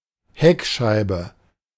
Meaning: rear window
- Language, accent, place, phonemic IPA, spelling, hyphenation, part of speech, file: German, Germany, Berlin, /ˈhɛkʃaɪ̯bə/, Heckscheibe, Heck‧schei‧be, noun, De-Heckscheibe.ogg